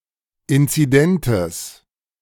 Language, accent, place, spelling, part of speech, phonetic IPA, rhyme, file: German, Germany, Berlin, inzidentes, adjective, [ˌɪnt͡siˈdɛntəs], -ɛntəs, De-inzidentes.ogg
- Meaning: strong/mixed nominative/accusative neuter singular of inzident